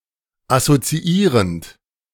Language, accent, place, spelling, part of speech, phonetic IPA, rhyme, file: German, Germany, Berlin, assoziierend, verb, [asot͡siˈiːʁənt], -iːʁənt, De-assoziierend.ogg
- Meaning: present participle of assoziieren